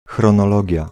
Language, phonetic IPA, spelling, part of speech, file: Polish, [ˌxrɔ̃nɔˈlɔɟja], chronologia, noun, Pl-chronologia.ogg